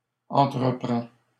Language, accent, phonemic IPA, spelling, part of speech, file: French, Canada, /ɑ̃.tʁə.pʁɑ̃/, entreprends, verb, LL-Q150 (fra)-entreprends.wav
- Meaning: inflection of entreprendre: 1. first/second-person singular present indicative 2. second-person singular imperative